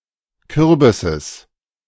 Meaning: genitive singular of Kürbis
- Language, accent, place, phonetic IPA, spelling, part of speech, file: German, Germany, Berlin, [ˈkʏʁbɪsəs], Kürbisses, noun, De-Kürbisses.ogg